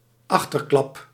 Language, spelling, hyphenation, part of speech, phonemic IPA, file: Dutch, achterklap, ach‧ter‧klap, noun, /ˈɑx.tərˌklɑp/, Nl-achterklap.ogg
- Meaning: gossip